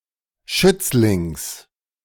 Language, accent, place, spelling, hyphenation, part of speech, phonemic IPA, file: German, Germany, Berlin, Schützlings, Schütz‧lings, noun, /ˈʃʏt͡slɪŋs/, De-Schützlings.ogg
- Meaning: genitive singular of Schützling